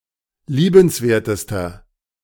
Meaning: inflection of liebenswert: 1. strong/mixed nominative masculine singular superlative degree 2. strong genitive/dative feminine singular superlative degree 3. strong genitive plural superlative degree
- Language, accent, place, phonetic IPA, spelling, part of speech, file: German, Germany, Berlin, [ˈliːbənsˌveːɐ̯təstɐ], liebenswertester, adjective, De-liebenswertester.ogg